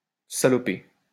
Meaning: 1. to bugger up (do something badly) 2. to muck up (make dirty)
- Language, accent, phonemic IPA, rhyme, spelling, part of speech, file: French, France, /sa.lɔ.pe/, -e, saloper, verb, LL-Q150 (fra)-saloper.wav